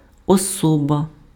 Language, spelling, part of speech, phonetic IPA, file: Ukrainian, особа, noun, [ɔˈsɔbɐ], Uk-особа.ogg
- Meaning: 1. person, human being, personage, individual 2. person